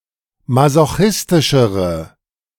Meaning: inflection of masochistisch: 1. strong/mixed nominative/accusative feminine singular comparative degree 2. strong nominative/accusative plural comparative degree
- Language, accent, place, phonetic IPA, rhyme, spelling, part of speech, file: German, Germany, Berlin, [mazoˈxɪstɪʃəʁə], -ɪstɪʃəʁə, masochistischere, adjective, De-masochistischere.ogg